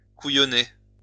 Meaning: 1. to trick 2. to joke
- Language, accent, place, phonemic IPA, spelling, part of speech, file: French, France, Lyon, /ku.jɔ.ne/, couillonner, verb, LL-Q150 (fra)-couillonner.wav